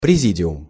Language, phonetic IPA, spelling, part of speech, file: Russian, [prʲɪˈzʲidʲɪʊm], президиум, noun, Ru-президиум.ogg
- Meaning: 1. presidium 2. head of a committee